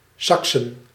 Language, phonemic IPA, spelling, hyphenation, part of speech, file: Dutch, /ˈsɑk.sə(n)/, Saksen, Sak‧sen, proper noun, Nl-Saksen.ogg
- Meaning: 1. Saxony (a state of modern Germany, located in the east, far from historical Saxon lands) 2. Saxony (a historical region and former duchy in north-central Germany) 3. plural of Saks